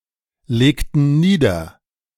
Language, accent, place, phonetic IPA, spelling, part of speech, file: German, Germany, Berlin, [ˌleːktn̩ ˈniːdɐ], legten nieder, verb, De-legten nieder.ogg
- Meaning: inflection of niederlegen: 1. first/third-person plural preterite 2. first/third-person plural subjunctive II